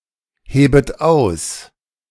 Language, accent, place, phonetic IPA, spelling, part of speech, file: German, Germany, Berlin, [ˌheːbət ˈaʊ̯s], hebet aus, verb, De-hebet aus.ogg
- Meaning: second-person plural subjunctive I of ausheben